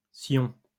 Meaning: 1. scion (detached twig) 2. tip of a fishing rod
- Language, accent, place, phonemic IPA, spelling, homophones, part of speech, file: French, France, Lyon, /sjɔ̃/, scion, scions / Sion, noun, LL-Q150 (fra)-scion.wav